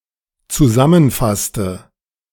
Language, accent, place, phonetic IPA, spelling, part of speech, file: German, Germany, Berlin, [t͡suˈzamənˌfastə], zusammenfasste, verb, De-zusammenfasste.ogg
- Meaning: inflection of zusammenfassen: 1. first/third-person singular dependent preterite 2. first/third-person singular dependent subjunctive II